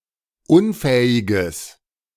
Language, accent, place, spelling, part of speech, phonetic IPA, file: German, Germany, Berlin, unfähiges, adjective, [ˈʊnˌfɛːɪɡəs], De-unfähiges.ogg
- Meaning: strong/mixed nominative/accusative neuter singular of unfähig